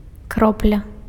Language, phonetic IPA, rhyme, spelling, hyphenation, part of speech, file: Belarusian, [ˈkroplʲa], -oplʲa, кропля, кроп‧ля, noun, Be-кропля.ogg
- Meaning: 1. drop (a small round particle of some liquid) 2. drop (the smallest amount of something)